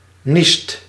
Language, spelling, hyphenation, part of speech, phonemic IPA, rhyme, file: Dutch, niest, niest, verb, /nist/, -ist, Nl-niest.ogg
- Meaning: 1. inflection of niezen: second/third-person singular present indicative 2. inflection of niezen: plural imperative 3. inflection of niesen: second/third-person singular present indicative